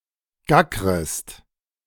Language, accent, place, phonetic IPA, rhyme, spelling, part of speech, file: German, Germany, Berlin, [ˈɡakʁəst], -akʁəst, gackrest, verb, De-gackrest.ogg
- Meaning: second-person singular subjunctive I of gackern